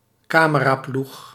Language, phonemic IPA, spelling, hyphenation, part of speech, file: Dutch, /ˈkaː.mə.raːˌplux/, cameraploeg, ca‧me‧ra‧ploeg, noun, Nl-cameraploeg.ogg
- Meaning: film crew